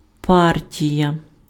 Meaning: 1. party 2. the Communist Party
- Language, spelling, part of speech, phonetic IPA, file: Ukrainian, партія, noun, [ˈpartʲijɐ], Uk-партія.ogg